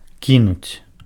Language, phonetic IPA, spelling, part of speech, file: Belarusian, [ˈkʲinut͡sʲ], кінуць, verb, Be-кінуць.ogg
- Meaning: to throw